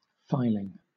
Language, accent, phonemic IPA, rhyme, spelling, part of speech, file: English, Southern England, /ˈfaɪ.lɪŋ/, -aɪlɪŋ, filing, noun / verb, LL-Q1860 (eng)-filing.wav
- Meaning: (noun) 1. Any particle that has been removed by a file or similar implement; a shaving 2. The act of storing documents in an archive; archiving